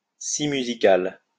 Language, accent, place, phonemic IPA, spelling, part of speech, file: French, France, Lyon, /si my.zi.kal/, scie musicale, noun, LL-Q150 (fra)-scie musicale.wav
- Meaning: musical saw (musical instrument)